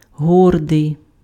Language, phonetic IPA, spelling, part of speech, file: Ukrainian, [ˈɦɔrdei̯], гордий, adjective, Uk-гордий.ogg
- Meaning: proud